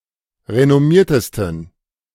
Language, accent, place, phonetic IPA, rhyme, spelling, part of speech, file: German, Germany, Berlin, [ʁenɔˈmiːɐ̯təstn̩], -iːɐ̯təstn̩, renommiertesten, adjective, De-renommiertesten.ogg
- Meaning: 1. superlative degree of renommiert 2. inflection of renommiert: strong genitive masculine/neuter singular superlative degree